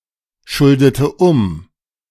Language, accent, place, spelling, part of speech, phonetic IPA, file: German, Germany, Berlin, schuldete um, verb, [ˌʃʊldətə ˈʊm], De-schuldete um.ogg
- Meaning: inflection of umschulden: 1. first/third-person singular preterite 2. first/third-person singular subjunctive II